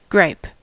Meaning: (verb) 1. To complain; to whine 2. To annoy or bother 3. To tend to come up into the wind, as a ship which, when sailing close-hauled, requires constant labour at the helm
- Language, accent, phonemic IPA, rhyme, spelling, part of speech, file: English, US, /ɡɹaɪp/, -aɪp, gripe, verb / noun, En-us-gripe.ogg